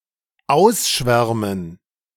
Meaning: to deploy
- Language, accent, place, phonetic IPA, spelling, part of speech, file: German, Germany, Berlin, [ˈaʊ̯sˌʃvɛʁmən], ausschwärmen, verb, De-ausschwärmen.ogg